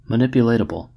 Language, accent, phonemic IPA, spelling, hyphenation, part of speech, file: English, General American, /məˈnɪpjəˌleɪtəbəl/, manipulatable, man‧i‧pul‧at‧a‧ble, adjective, En-us-manipulatable.ogg
- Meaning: Synonym of manipulable (“suitable for, or able to be subjected to, manipulation”)